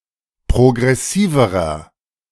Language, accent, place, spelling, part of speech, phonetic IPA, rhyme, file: German, Germany, Berlin, progressiverer, adjective, [pʁoɡʁɛˈsiːvəʁɐ], -iːvəʁɐ, De-progressiverer.ogg
- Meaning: inflection of progressiv: 1. strong/mixed nominative masculine singular comparative degree 2. strong genitive/dative feminine singular comparative degree 3. strong genitive plural comparative degree